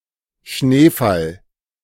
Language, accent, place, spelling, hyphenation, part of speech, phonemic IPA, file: German, Germany, Berlin, Schneefall, Schnee‧fall, noun, /ˈʃneːfal/, De-Schneefall.ogg
- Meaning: snowfall